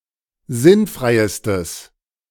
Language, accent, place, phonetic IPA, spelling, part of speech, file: German, Germany, Berlin, [ˈzɪnˌfʁaɪ̯stəs], sinnfreistes, adjective, De-sinnfreistes.ogg
- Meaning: strong/mixed nominative/accusative neuter singular superlative degree of sinnfrei